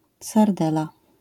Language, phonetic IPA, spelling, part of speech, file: Polish, [sarˈdɛla], sardela, noun, LL-Q809 (pol)-sardela.wav